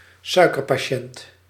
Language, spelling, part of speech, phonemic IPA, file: Dutch, suikerpatiënt, noun, /ˈsœy̯.kər.paːˌʃɛnt/, Nl-suikerpatiënt.ogg
- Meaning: diabetic (patient)